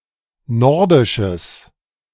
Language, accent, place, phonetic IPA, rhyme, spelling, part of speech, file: German, Germany, Berlin, [ˈnɔʁdɪʃəs], -ɔʁdɪʃəs, nordisches, adjective, De-nordisches.ogg
- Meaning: strong/mixed nominative/accusative neuter singular of nordisch